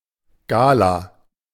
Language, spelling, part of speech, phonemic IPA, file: German, Gala, noun, /ɡaːla/, De-Gala.ogg
- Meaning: gala